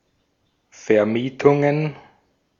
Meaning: plural of Vermietung
- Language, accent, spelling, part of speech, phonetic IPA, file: German, Austria, Vermietungen, noun, [fɛɐ̯ˈmiːtʊŋən], De-at-Vermietungen.ogg